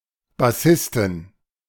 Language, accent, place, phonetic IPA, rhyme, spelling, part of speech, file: German, Germany, Berlin, [baˈsɪstn̩], -ɪstn̩, Bassisten, noun, De-Bassisten.ogg
- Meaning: inflection of Bassist: 1. genitive/dative/accusative singular 2. nominative/genitive/dative/accusative plural